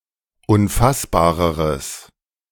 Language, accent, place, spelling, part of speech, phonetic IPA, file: German, Germany, Berlin, unfassbareres, adjective, [ʊnˈfasbaːʁəʁəs], De-unfassbareres.ogg
- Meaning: strong/mixed nominative/accusative neuter singular comparative degree of unfassbar